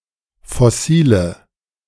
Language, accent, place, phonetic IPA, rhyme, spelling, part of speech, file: German, Germany, Berlin, [fɔˈsiːlə], -iːlə, fossile, adjective, De-fossile.ogg
- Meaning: inflection of fossil: 1. strong/mixed nominative/accusative feminine singular 2. strong nominative/accusative plural 3. weak nominative all-gender singular 4. weak accusative feminine/neuter singular